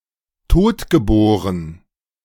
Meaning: stillborn
- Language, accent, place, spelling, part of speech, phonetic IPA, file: German, Germany, Berlin, totgeboren, adjective, [ˈtoːtɡəˌboːʁən], De-totgeboren.ogg